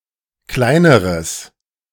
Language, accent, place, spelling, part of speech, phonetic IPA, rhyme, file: German, Germany, Berlin, kleineres, adjective, [ˈklaɪ̯nəʁəs], -aɪ̯nəʁəs, De-kleineres.ogg
- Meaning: strong/mixed nominative/accusative neuter singular comparative degree of klein